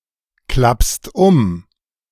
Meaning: second-person singular present of umklappen
- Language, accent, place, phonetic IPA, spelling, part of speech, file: German, Germany, Berlin, [ˌklapst ˈʊm], klappst um, verb, De-klappst um.ogg